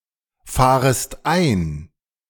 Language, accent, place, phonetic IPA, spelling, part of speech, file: German, Germany, Berlin, [ˌfaːʁəst ˈaɪ̯n], fahrest ein, verb, De-fahrest ein.ogg
- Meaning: second-person singular subjunctive I of einfahren